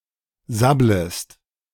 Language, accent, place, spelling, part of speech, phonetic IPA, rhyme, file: German, Germany, Berlin, sabblest, verb, [ˈzabləst], -abləst, De-sabblest.ogg
- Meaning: second-person singular subjunctive I of sabbeln